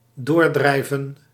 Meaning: to push through, to carry through (against resistance)
- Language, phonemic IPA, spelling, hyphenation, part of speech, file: Dutch, /ˈdoːrdrɛi̯və(n)/, doordrijven, door‧drij‧ven, verb, Nl-doordrijven.ogg